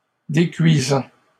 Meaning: present participle of décuire
- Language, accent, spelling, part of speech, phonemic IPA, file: French, Canada, décuisant, verb, /de.kɥi.zɑ̃/, LL-Q150 (fra)-décuisant.wav